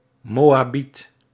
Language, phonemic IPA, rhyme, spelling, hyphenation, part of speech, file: Dutch, /ˌmoː.aːˈbit/, -it, Moabiet, Mo‧a‧biet, noun, Nl-Moabiet.ogg
- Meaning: a Moabite